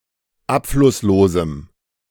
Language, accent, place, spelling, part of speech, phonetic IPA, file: German, Germany, Berlin, abflusslosem, adjective, [ˈapflʊsˌloːzm̩], De-abflusslosem.ogg
- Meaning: strong dative masculine/neuter singular of abflusslos